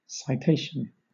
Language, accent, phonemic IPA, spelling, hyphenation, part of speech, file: English, Southern England, /ˌsaɪˈteɪʃn̩/, citation, ci‧tat‧ion, noun, LL-Q1860 (eng)-citation.wav
- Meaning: 1. An official summons or notice given to a person to appear 2. The paper containing such summons or notice